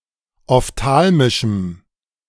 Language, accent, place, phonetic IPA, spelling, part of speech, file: German, Germany, Berlin, [ɔfˈtaːlmɪʃm̩], ophthalmischem, adjective, De-ophthalmischem.ogg
- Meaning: strong dative masculine/neuter singular of ophthalmisch